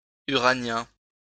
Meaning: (adjective) 1. uranian, uranic 2. celestial 3. Uranian; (noun) Uranian (male homosexual)
- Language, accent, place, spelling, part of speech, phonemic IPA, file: French, France, Lyon, uranien, adjective / noun, /y.ʁa.njɛ̃/, LL-Q150 (fra)-uranien.wav